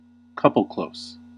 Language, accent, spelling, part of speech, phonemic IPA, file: English, US, couple-close, noun, /ˈkʌp.əlˌkloʊs/, En-us-couple-close.ogg
- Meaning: A diminutive of the chevron, always borne in closely placed pairs